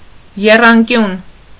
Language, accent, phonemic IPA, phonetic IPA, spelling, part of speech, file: Armenian, Eastern Armenian, /jerɑnˈkjun/, [jerɑŋkjún], եռանկյուն, noun, Hy-եռանկյուն.ogg
- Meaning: triangle